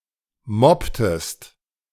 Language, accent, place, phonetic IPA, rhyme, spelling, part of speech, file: German, Germany, Berlin, [ˈmɔptəst], -ɔptəst, mobbtest, verb, De-mobbtest.ogg
- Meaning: inflection of mobben: 1. second-person singular preterite 2. second-person singular subjunctive II